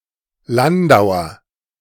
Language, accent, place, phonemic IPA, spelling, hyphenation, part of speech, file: German, Germany, Berlin, /ˈlandaʊ̯ɐ/, Landauer, Lan‧dau‧er, noun, De-Landauer.ogg
- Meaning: 1. Inhabitant of Landau 2. landau (type of lightweight four-wheeled carriage)